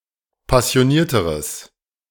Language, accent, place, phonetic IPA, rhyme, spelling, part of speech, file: German, Germany, Berlin, [pasi̯oˈniːɐ̯təʁəs], -iːɐ̯təʁəs, passionierteres, adjective, De-passionierteres.ogg
- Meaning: strong/mixed nominative/accusative neuter singular comparative degree of passioniert